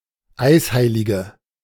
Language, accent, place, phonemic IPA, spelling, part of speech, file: German, Germany, Berlin, /ˈaɪ̯sˌhaɪ̯lɪɡə/, Eisheilige, noun, De-Eisheilige.ogg
- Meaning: 1. female equivalent of Eisheiliger: female "ice saint" (one of the saints on whose feast days frost is likely) 2. inflection of Eisheiliger: strong nominative/accusative plural